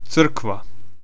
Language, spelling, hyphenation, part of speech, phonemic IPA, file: Serbo-Croatian, crkva, cr‧kva, noun, /t͡sr̩̂ːkʋa/, Hr-crkva.ogg
- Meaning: church (both the building and organization)